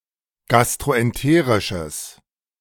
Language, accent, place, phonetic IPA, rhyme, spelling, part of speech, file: German, Germany, Berlin, [ˌɡastʁoʔɛnˈteːʁɪʃəs], -eːʁɪʃəs, gastroenterisches, adjective, De-gastroenterisches.ogg
- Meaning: strong/mixed nominative/accusative neuter singular of gastroenterisch